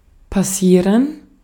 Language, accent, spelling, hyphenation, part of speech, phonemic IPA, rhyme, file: German, Austria, passieren, pas‧sie‧ren, verb, /paˈsiːʁən/, -iːʁən, De-at-passieren.ogg
- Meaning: 1. to happen 2. to move beyond; pass 3. to pass through a sieve, to strain